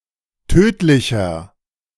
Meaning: 1. comparative degree of tödlich 2. inflection of tödlich: strong/mixed nominative masculine singular 3. inflection of tödlich: strong genitive/dative feminine singular
- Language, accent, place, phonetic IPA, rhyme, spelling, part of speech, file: German, Germany, Berlin, [ˈtøːtlɪçɐ], -øːtlɪçɐ, tödlicher, adjective, De-tödlicher.ogg